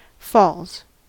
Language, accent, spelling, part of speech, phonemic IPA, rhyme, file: English, US, falls, noun / verb, /fɔlz/, -ɔːlz, En-us-falls.ogg
- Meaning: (noun) 1. A waterfall 2. plural of fall; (verb) third-person singular simple present indicative of fall